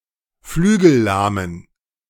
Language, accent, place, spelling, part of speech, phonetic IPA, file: German, Germany, Berlin, flügellahmen, adjective, [ˈflyːɡl̩ˌlaːmən], De-flügellahmen.ogg
- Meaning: inflection of flügellahm: 1. strong genitive masculine/neuter singular 2. weak/mixed genitive/dative all-gender singular 3. strong/weak/mixed accusative masculine singular 4. strong dative plural